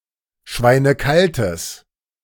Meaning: strong/mixed nominative/accusative neuter singular of schweinekalt
- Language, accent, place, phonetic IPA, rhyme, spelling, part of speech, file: German, Germany, Berlin, [ˈʃvaɪ̯nəˈkaltəs], -altəs, schweinekaltes, adjective, De-schweinekaltes.ogg